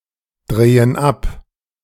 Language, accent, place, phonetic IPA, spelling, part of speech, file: German, Germany, Berlin, [ˌdʁeːən ˈap], drehen ab, verb, De-drehen ab.ogg
- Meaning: inflection of abdrehen: 1. first/third-person plural present 2. first/third-person plural subjunctive I